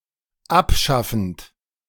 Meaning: present participle of abschaffen
- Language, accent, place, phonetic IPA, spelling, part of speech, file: German, Germany, Berlin, [ˈapˌʃafn̩t], abschaffend, verb, De-abschaffend.ogg